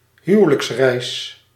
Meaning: honeymoon (wedding trip)
- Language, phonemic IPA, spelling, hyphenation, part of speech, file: Dutch, /ˈɦyʋ(ə)ləksˌrɛi̯s/, huwelijksreis, hu‧we‧lijks‧reis, noun, Nl-huwelijksreis.ogg